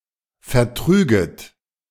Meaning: second-person plural subjunctive II of vertragen
- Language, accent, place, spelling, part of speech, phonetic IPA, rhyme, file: German, Germany, Berlin, vertrüget, verb, [fɛɐ̯ˈtʁyːɡət], -yːɡət, De-vertrüget.ogg